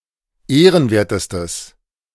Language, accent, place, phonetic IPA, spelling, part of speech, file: German, Germany, Berlin, [ˈeːʁənˌveːɐ̯təstəs], ehrenwertestes, adjective, De-ehrenwertestes.ogg
- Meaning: strong/mixed nominative/accusative neuter singular superlative degree of ehrenwert